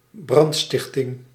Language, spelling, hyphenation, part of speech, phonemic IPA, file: Dutch, brandstichting, brand‧stich‧ting, noun, /ˈbrɑntˌstɪx.tɪŋ/, Nl-brandstichting.ogg
- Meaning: arson (crime of setting a fire)